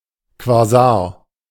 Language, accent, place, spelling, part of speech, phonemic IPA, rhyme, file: German, Germany, Berlin, Quasar, noun, /kvaˈzaːɐ̯/, -aːɐ̯, De-Quasar.ogg
- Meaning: quasar